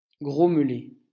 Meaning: to grumble, mutter
- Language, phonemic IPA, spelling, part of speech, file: French, /ɡʁɔm.le/, grommeler, verb, LL-Q150 (fra)-grommeler.wav